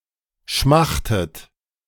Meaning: inflection of schmachten: 1. second-person plural present 2. second-person plural subjunctive I 3. third-person singular present 4. plural imperative
- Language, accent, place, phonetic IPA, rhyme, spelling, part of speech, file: German, Germany, Berlin, [ˈʃmaxtət], -axtət, schmachtet, verb, De-schmachtet.ogg